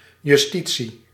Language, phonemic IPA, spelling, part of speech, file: Dutch, /jʏˈsti(t)si/, justitie, noun, Nl-justitie.ogg
- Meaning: justice (the branch of government that holds the power of jurisdiction)